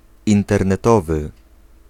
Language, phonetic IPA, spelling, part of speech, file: Polish, [ˌĩntɛrnɛˈtɔvɨ], internetowy, adjective, Pl-internetowy.ogg